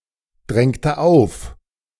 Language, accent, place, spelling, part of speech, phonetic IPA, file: German, Germany, Berlin, drängte auf, verb, [ˌdʁɛŋtə ˈaʊ̯f], De-drängte auf.ogg
- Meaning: inflection of aufdrängen: 1. first/third-person singular preterite 2. first/third-person singular subjunctive II